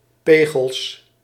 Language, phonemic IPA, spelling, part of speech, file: Dutch, /ˈpeɣəls/, pegels, noun, Nl-pegels.ogg
- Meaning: plural of pegel